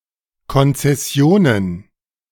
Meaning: plural of Konzession
- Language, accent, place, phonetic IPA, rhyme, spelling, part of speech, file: German, Germany, Berlin, [ˌkɔnt͡sɛˈsi̯oːnən], -oːnən, Konzessionen, noun, De-Konzessionen.ogg